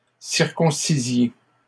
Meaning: inflection of circoncire: 1. second-person plural imperfect indicative 2. second-person plural present subjunctive
- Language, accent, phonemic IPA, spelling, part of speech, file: French, Canada, /siʁ.kɔ̃.si.zje/, circoncisiez, verb, LL-Q150 (fra)-circoncisiez.wav